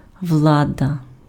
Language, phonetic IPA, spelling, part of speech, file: Ukrainian, [ˈwɫadɐ], влада, noun, Uk-влада.ogg
- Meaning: 1. political dominion, political power, right to rule 2. government, governing bodies 3. authorities 4. power, dominion 5. power